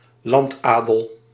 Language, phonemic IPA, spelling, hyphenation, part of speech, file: Dutch, /ˈlɑntˌaː.dəl/, landadel, land‧adel, noun, Nl-landadel.ogg
- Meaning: landed gentry, squirearchy